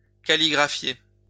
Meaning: to calligraph
- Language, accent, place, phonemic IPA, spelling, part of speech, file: French, France, Lyon, /ka.li.ɡʁa.fje/, calligraphier, verb, LL-Q150 (fra)-calligraphier.wav